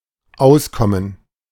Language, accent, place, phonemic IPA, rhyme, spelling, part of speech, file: German, Germany, Berlin, /ˈʔaʊ̯sˌkɔmən/, -aʊ̯skɔmən, Auskommen, noun, De-Auskommen.ogg
- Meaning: 1. gerund of auskommen 2. livelihood